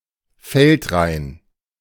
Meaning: balk (unplowed strip of land)
- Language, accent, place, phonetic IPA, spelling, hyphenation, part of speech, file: German, Germany, Berlin, [ˈfɛltˌʁaɪ̯n], Feldrain, Feld‧rain, noun, De-Feldrain.ogg